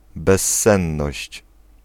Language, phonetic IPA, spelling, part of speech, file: Polish, [bɛsˈːɛ̃nːɔɕt͡ɕ], bezsenność, noun, Pl-bezsenność.ogg